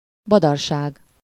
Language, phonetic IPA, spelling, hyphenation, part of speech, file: Hungarian, [ˈbɒdɒrʃaːɡ], badarság, ba‧dar‧ság, noun, Hu-badarság.ogg
- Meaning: gibberish, nonsense